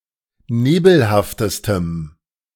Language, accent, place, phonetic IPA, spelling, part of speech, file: German, Germany, Berlin, [ˈneːbl̩haftəstəm], nebelhaftestem, adjective, De-nebelhaftestem.ogg
- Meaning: strong dative masculine/neuter singular superlative degree of nebelhaft